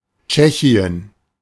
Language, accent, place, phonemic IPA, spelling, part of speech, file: German, Germany, Berlin, /ˈt͡ʃɛçi̯ən/, Tschechien, proper noun, De-Tschechien.ogg
- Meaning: Czech Republic, Czechia (a country in Central Europe; official name: Tschechische Republik)